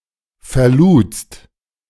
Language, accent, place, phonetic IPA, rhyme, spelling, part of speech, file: German, Germany, Berlin, [fɛɐ̯ˈluːt͡st], -uːt͡st, verludst, verb, De-verludst.ogg
- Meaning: second-person singular preterite of verladen